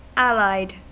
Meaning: 1. Joined as allies 2. Related
- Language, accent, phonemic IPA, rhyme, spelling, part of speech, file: English, US, /ˈæl.aɪd/, -aɪd, allied, adjective, En-us-allied.ogg